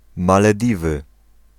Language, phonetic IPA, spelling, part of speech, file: Polish, [ˌmalɛˈdʲivɨ], Malediwy, proper noun, Pl-Malediwy.ogg